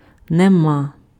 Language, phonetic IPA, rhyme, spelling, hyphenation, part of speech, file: Ukrainian, [neˈma], -a, нема, не‧ма, particle, Uk-нема.ogg
- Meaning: there is no, there are no (+ genitive)